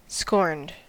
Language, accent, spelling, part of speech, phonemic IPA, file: English, US, scorned, adjective / verb, /skɔɹnd/, En-us-scorned.ogg
- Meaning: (adjective) Hated, despised, or avoided; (verb) simple past and past participle of scorn